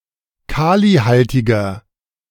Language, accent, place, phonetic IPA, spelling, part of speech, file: German, Germany, Berlin, [ˈkaːliˌhaltɪɡɐ], kalihaltiger, adjective, De-kalihaltiger.ogg
- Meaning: 1. comparative degree of kalihaltig 2. inflection of kalihaltig: strong/mixed nominative masculine singular 3. inflection of kalihaltig: strong genitive/dative feminine singular